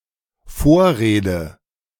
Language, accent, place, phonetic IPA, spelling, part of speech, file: German, Germany, Berlin, [ˈfoːɐ̯ˌʁeːdə], Vorrede, noun, De-Vorrede.ogg
- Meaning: foreword